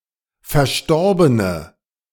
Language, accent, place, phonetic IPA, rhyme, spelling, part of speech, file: German, Germany, Berlin, [fɛɐ̯ˈʃtɔʁbənə], -ɔʁbənə, verstorbene, adjective, De-verstorbene.ogg
- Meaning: inflection of verstorben: 1. strong/mixed nominative/accusative feminine singular 2. strong nominative/accusative plural 3. weak nominative all-gender singular